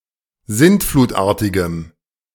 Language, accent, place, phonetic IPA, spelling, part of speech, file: German, Germany, Berlin, [ˈzɪntfluːtˌʔaːɐ̯tɪɡəm], sintflutartigem, adjective, De-sintflutartigem.ogg
- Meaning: strong dative masculine/neuter singular of sintflutartig